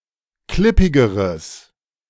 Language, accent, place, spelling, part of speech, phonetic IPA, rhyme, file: German, Germany, Berlin, klippigeres, adjective, [ˈklɪpɪɡəʁəs], -ɪpɪɡəʁəs, De-klippigeres.ogg
- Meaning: strong/mixed nominative/accusative neuter singular comparative degree of klippig